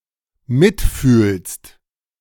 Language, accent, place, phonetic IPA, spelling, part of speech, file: German, Germany, Berlin, [ˈmɪtˌfyːlst], mitfühlst, verb, De-mitfühlst.ogg
- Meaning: second-person singular dependent present of mitfühlen